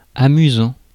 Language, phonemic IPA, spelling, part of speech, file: French, /a.my.zɑ̃/, amusant, verb / adjective, Fr-amusant.ogg
- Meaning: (verb) present participle of amuser; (adjective) 1. amusing; funny 2. fun